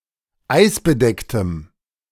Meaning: strong dative masculine/neuter singular of eisbedeckt
- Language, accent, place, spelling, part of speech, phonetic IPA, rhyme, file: German, Germany, Berlin, eisbedecktem, adjective, [ˈaɪ̯sbəˌdɛktəm], -aɪ̯sbədɛktəm, De-eisbedecktem.ogg